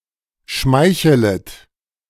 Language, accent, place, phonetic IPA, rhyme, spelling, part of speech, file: German, Germany, Berlin, [ˈʃmaɪ̯çələt], -aɪ̯çələt, schmeichelet, verb, De-schmeichelet.ogg
- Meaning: second-person plural subjunctive I of schmeicheln